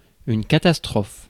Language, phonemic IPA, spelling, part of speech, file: French, /ka.tas.tʁɔf/, catastrophe, noun / verb, Fr-catastrophe.ogg
- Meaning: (noun) catastrophe; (verb) inflection of catastropher: 1. first/third-person singular present indicative/subjunctive 2. second-person singular imperative